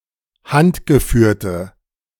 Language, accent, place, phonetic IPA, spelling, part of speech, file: German, Germany, Berlin, [ˈhantɡəˌfyːɐ̯tə], handgeführte, adjective, De-handgeführte.ogg
- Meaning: inflection of handgeführt: 1. strong/mixed nominative/accusative feminine singular 2. strong nominative/accusative plural 3. weak nominative all-gender singular